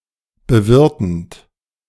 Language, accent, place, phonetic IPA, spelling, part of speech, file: German, Germany, Berlin, [bəˈvɪʁtn̩t], bewirtend, verb, De-bewirtend.ogg
- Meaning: present participle of bewirten